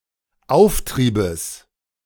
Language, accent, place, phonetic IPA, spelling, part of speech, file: German, Germany, Berlin, [ˈaʊ̯fˌtʁiːbəs], Auftriebes, noun, De-Auftriebes.ogg
- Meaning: genitive singular of Auftrieb